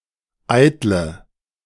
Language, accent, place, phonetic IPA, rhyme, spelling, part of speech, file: German, Germany, Berlin, [ˈaɪ̯tlə], -aɪ̯tlə, eitle, adjective, De-eitle.ogg
- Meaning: inflection of eitel: 1. strong/mixed nominative/accusative feminine singular 2. strong nominative/accusative plural 3. weak nominative all-gender singular 4. weak accusative feminine/neuter singular